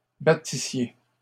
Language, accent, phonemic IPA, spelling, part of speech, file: French, Canada, /ba.ti.sje/, battissiez, verb, LL-Q150 (fra)-battissiez.wav
- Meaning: second-person plural imperfect subjunctive of battre